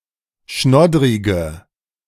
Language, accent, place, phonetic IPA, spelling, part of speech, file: German, Germany, Berlin, [ˈʃnɔdʁɪɡə], schnoddrige, adjective, De-schnoddrige.ogg
- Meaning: inflection of schnoddrig: 1. strong/mixed nominative/accusative feminine singular 2. strong nominative/accusative plural 3. weak nominative all-gender singular